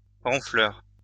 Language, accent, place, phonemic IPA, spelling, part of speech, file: French, France, Lyon, /ʁɔ̃.flœʁ/, ronfleur, noun, LL-Q150 (fra)-ronfleur.wav
- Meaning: snorer (someone who snores)